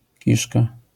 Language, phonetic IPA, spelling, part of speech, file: Polish, [ˈciʃka], kiszka, noun, LL-Q809 (pol)-kiszka.wav